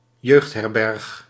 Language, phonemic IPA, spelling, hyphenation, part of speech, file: Dutch, /ˈjøːxt.(ɦ)ɛrˌbɛrx/, jeugdherberg, jeugd‧her‧berg, noun, Nl-jeugdherberg.ogg
- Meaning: a youth hostel